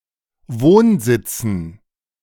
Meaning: dative plural of Wohnsitz
- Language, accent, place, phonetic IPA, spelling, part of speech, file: German, Germany, Berlin, [ˈvoːnˌzɪt͡sn̩], Wohnsitzen, noun, De-Wohnsitzen.ogg